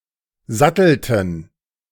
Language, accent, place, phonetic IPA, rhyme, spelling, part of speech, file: German, Germany, Berlin, [ˈzatl̩tn̩], -atl̩tn̩, sattelten, verb, De-sattelten.ogg
- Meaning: inflection of satteln: 1. first/third-person plural preterite 2. first/third-person plural subjunctive II